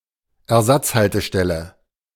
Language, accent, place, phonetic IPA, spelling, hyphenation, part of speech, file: German, Germany, Berlin, [ɛɐ̯ˈzat͡shaltəˌʃtɛlə], Ersatzhaltestelle, Er‧satz‧hal‧te‧stel‧le, noun, De-Ersatzhaltestelle.ogg
- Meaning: replacement stop